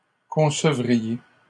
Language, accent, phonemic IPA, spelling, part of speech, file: French, Canada, /kɔ̃.sə.vʁi.je/, concevriez, verb, LL-Q150 (fra)-concevriez.wav
- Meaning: second-person plural conditional of concevoir